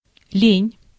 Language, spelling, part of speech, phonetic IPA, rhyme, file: Russian, лень, noun / adjective, [lʲenʲ], -enʲ, Ru-лень.ogg
- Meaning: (noun) laziness, idleness, indolence; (adjective) (do/does) not want; feels lazy (to do something)